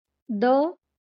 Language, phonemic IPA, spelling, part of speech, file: Marathi, /də/, द, character, LL-Q1571 (mar)-द.wav
- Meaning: The seventeenth consonant in Marathi